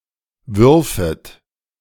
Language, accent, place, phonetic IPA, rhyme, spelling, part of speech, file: German, Germany, Berlin, [ˈvʏʁfət], -ʏʁfət, würfet, verb, De-würfet.ogg
- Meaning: second-person plural subjunctive II of werfen